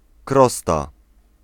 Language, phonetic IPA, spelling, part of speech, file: Polish, [ˈkrɔsta], krosta, noun, Pl-krosta.ogg